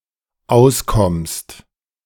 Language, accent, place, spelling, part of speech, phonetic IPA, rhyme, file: German, Germany, Berlin, auskommst, verb, [ˈaʊ̯sˌkɔmst], -aʊ̯skɔmst, De-auskommst.ogg
- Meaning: second-person singular dependent present of auskommen